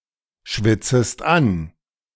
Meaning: second-person singular subjunctive I of anschwitzen
- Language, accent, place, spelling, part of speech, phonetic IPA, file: German, Germany, Berlin, schwitzest an, verb, [ˌʃvɪt͡səst ˈan], De-schwitzest an.ogg